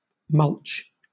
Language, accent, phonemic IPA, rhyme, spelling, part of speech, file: English, Southern England, /mʌlt͡ʃ/, -ʌltʃ, mulch, noun / verb, LL-Q1860 (eng)-mulch.wav
- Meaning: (noun) Any material used to cover the top layer of soil to protect, insulate, or decorate it, or to discourage weeds or retain moisture; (verb) 1. To apply mulch 2. To turn into mulch